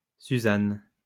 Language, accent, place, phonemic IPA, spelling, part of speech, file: French, France, Lyon, /sy.zan/, Suzanne, proper noun, LL-Q150 (fra)-Suzanne.wav
- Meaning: 1. a female given name, equivalent to English Susan 2. Susanna